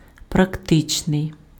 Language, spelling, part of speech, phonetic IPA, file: Ukrainian, практичний, adjective, [prɐkˈtɪt͡ʃnei̯], Uk-практичний.ogg
- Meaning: practical